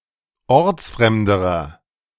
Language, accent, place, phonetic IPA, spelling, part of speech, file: German, Germany, Berlin, [ˈɔʁt͡sˌfʁɛmdəʁɐ], ortsfremderer, adjective, De-ortsfremderer.ogg
- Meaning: inflection of ortsfremd: 1. strong/mixed nominative masculine singular comparative degree 2. strong genitive/dative feminine singular comparative degree 3. strong genitive plural comparative degree